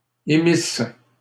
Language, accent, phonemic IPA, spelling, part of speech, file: French, Canada, /e.mis/, émisse, verb, LL-Q150 (fra)-émisse.wav
- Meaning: first-person singular imperfect subjunctive of émettre